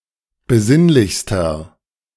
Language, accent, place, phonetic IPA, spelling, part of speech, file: German, Germany, Berlin, [bəˈzɪnlɪçstɐ], besinnlichster, adjective, De-besinnlichster.ogg
- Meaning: inflection of besinnlich: 1. strong/mixed nominative masculine singular superlative degree 2. strong genitive/dative feminine singular superlative degree 3. strong genitive plural superlative degree